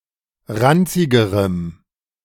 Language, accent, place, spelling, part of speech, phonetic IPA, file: German, Germany, Berlin, ranzigerem, adjective, [ˈʁant͡sɪɡəʁəm], De-ranzigerem.ogg
- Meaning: strong dative masculine/neuter singular comparative degree of ranzig